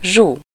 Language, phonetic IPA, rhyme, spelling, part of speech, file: Hungarian, [ˈʒu], -ʒu, Zsu, proper noun, Hu-Zsu.ogg
- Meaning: 1. a diminutive of the female given name Zsófia 2. a diminutive of the female given name Zsuzsa